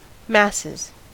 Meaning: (noun) 1. plural of mass 2. plural of masse 3. People, especially a large number of people; the general population 4. The total population 5. The lower classes or all but the elite
- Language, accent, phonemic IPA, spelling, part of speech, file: English, US, /ˈmæs.ɪz/, masses, noun / verb, En-us-masses.ogg